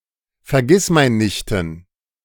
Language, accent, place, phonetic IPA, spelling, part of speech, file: German, Germany, Berlin, [fɛɐ̯ˈɡɪsmaɪ̯nnɪçtn̩], Vergissmeinnichten, noun, De-Vergissmeinnichten.ogg
- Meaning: dative plural of Vergissmeinnicht